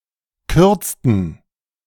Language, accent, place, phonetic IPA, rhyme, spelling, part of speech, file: German, Germany, Berlin, [ˈkʏʁt͡stn̩], -ʏʁt͡stn̩, kürzten, verb, De-kürzten.ogg
- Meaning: inflection of kürzen: 1. first/third-person plural preterite 2. first/third-person plural subjunctive II